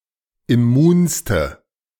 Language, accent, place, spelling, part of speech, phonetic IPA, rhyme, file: German, Germany, Berlin, immunste, adjective, [ɪˈmuːnstə], -uːnstə, De-immunste.ogg
- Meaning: inflection of immun: 1. strong/mixed nominative/accusative feminine singular superlative degree 2. strong nominative/accusative plural superlative degree